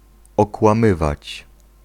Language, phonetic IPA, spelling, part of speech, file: Polish, [ˌɔkwãˈmɨvat͡ɕ], okłamywać, verb, Pl-okłamywać.ogg